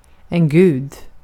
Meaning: 1. a god 2. God
- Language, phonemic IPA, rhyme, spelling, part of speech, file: Swedish, /ɡʉːd/, -ʉːd, gud, noun, Sv-gud.ogg